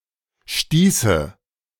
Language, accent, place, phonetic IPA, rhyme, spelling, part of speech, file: German, Germany, Berlin, [ˈʃtiːsə], -iːsə, stieße, verb, De-stieße.ogg
- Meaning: first/third-person singular subjunctive II of stoßen